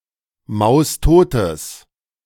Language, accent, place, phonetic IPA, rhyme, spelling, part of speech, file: German, Germany, Berlin, [ˌmaʊ̯sˈtoːtəs], -oːtəs, maustotes, adjective, De-maustotes.ogg
- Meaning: strong/mixed nominative/accusative neuter singular of maustot